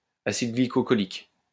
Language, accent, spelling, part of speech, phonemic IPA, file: French, France, acide glycocholique, noun, /a.sid ɡli.kɔ.kɔ.lik/, LL-Q150 (fra)-acide glycocholique.wav
- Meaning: glycocholic acid